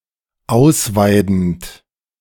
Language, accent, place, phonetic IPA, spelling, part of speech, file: German, Germany, Berlin, [ˈaʊ̯sˌvaɪ̯dn̩t], ausweidend, verb, De-ausweidend.ogg
- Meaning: present participle of ausweiden